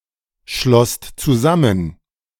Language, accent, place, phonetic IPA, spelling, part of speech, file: German, Germany, Berlin, [ˌʃlɔst t͡suˈzamən], schlosst zusammen, verb, De-schlosst zusammen.ogg
- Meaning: second-person singular/plural preterite of zusammenschließen